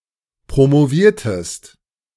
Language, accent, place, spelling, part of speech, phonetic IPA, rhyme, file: German, Germany, Berlin, promoviertest, verb, [pʁomoˈviːɐ̯təst], -iːɐ̯təst, De-promoviertest.ogg
- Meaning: inflection of promovieren: 1. second-person singular preterite 2. second-person singular subjunctive II